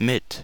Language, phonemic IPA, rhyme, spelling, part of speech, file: German, /mɪt/, -ɪt, mit, preposition / adverb, De-mit.ogg
- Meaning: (preposition) 1. with (in the company of, alongside) 2. with, by (using as an instrument, by means of) 3. with (having a property, accessory or possession)